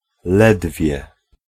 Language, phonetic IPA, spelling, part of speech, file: Polish, [ˈlɛdvʲjɛ], ledwie, conjunction / particle / adverb, Pl-ledwie.ogg